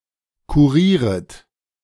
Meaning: second-person plural subjunctive I of kurieren
- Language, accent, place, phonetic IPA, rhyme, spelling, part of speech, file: German, Germany, Berlin, [kuˈʁiːʁət], -iːʁət, kurieret, verb, De-kurieret.ogg